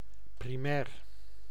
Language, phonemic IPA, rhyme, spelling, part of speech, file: Dutch, /priˈmɛːr/, -ɛːr, primair, adjective, Nl-primair.ogg
- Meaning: primary